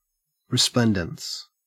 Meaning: The property of being, or that which causes something to be, resplendent
- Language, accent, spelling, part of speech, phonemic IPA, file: English, Australia, resplendence, noun, /ɹɪˈsplɛn.dəns/, En-au-resplendence.ogg